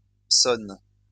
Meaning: inflection of sonner: 1. first/third-person singular present indicative/subjunctive 2. second-person singular imperative
- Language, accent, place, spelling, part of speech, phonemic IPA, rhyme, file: French, France, Lyon, sonne, verb, /sɔn/, -ɔn, LL-Q150 (fra)-sonne.wav